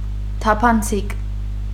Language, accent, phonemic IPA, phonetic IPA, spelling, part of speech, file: Armenian, Eastern Armenian, /tʰɑpʰɑnˈt͡sʰik/, [tʰɑpʰɑnt͡sʰík], թափանցիկ, adjective, Hy-թափանցիկ.ogg
- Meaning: 1. transparent 2. transparent, open, public